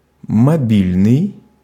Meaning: mobile
- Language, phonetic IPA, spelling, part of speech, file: Russian, [mɐˈbʲilʲnɨj], мобильный, adjective, Ru-мобильный.ogg